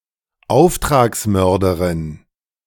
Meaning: A female contract killer, hitwoman, e.g. paid by mobsters to assassinate any designated target
- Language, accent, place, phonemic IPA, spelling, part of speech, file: German, Germany, Berlin, /ˈaʊ̯ftʁaksˌmœʁdɐʁɪn/, Auftragsmörderin, noun, De-Auftragsmörderin.ogg